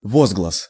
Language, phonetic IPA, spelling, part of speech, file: Russian, [ˈvozɡɫəs], возглас, noun, Ru-возглас.ogg
- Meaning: exclamation, cry, outcry